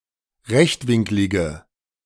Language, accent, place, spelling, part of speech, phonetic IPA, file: German, Germany, Berlin, rechtwinklige, adjective, [ˈʁɛçtˌvɪŋklɪɡə], De-rechtwinklige.ogg
- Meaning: inflection of rechtwinklig: 1. strong/mixed nominative/accusative feminine singular 2. strong nominative/accusative plural 3. weak nominative all-gender singular